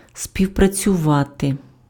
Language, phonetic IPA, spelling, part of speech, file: Ukrainian, [sʲpʲiu̯prɐt͡sʲʊˈʋate], співпрацювати, verb, Uk-співпрацювати.ogg
- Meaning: to cooperate, to collaborate